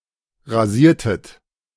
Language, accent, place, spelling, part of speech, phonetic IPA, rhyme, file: German, Germany, Berlin, rasiertet, verb, [ʁaˈziːɐ̯tət], -iːɐ̯tət, De-rasiertet.ogg
- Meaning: inflection of rasieren: 1. second-person plural preterite 2. second-person plural subjunctive II